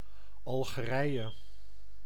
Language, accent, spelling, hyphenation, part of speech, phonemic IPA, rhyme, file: Dutch, Netherlands, Algerije, Al‧ge‧rij‧e, proper noun, /ˌɑl.ɣəˈrɛi̯.ə/, -ɛi̯ə, Nl-Algerije.ogg
- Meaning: Algeria (a country in North Africa)